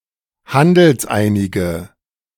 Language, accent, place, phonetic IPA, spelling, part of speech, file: German, Germany, Berlin, [ˈhandl̩sˌʔaɪ̯nɪɡə], handelseinige, adjective, De-handelseinige.ogg
- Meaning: inflection of handelseinig: 1. strong/mixed nominative/accusative feminine singular 2. strong nominative/accusative plural 3. weak nominative all-gender singular